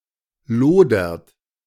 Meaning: inflection of lodern: 1. second-person plural present 2. third-person singular present 3. plural imperative
- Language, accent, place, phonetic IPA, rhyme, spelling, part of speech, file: German, Germany, Berlin, [ˈloːdɐt], -oːdɐt, lodert, verb, De-lodert.ogg